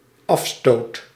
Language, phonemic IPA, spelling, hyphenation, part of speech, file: Dutch, /ˈɑf.stoːt/, afstoot, af‧stoot, noun / verb, Nl-afstoot.ogg
- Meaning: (noun) 1. break-off (the opening shot in a cue game) 2. lag (method of deciding who plays first in a cue game)